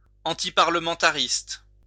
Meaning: antiparliamentary
- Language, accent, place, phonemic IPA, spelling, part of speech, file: French, France, Lyon, /ɑ̃.ti.paʁ.lə.mɑ̃.ta.ʁist/, antiparlementariste, adjective, LL-Q150 (fra)-antiparlementariste.wav